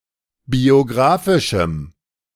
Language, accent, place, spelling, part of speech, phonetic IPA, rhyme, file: German, Germany, Berlin, biografischem, adjective, [bioˈɡʁaːfɪʃm̩], -aːfɪʃm̩, De-biografischem.ogg
- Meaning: strong dative masculine/neuter singular of biografisch